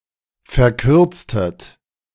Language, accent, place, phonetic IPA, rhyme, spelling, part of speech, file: German, Germany, Berlin, [fɛɐ̯ˈkʏʁt͡stət], -ʏʁt͡stət, verkürztet, verb, De-verkürztet.ogg
- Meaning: inflection of verkürzen: 1. second-person plural preterite 2. second-person plural subjunctive II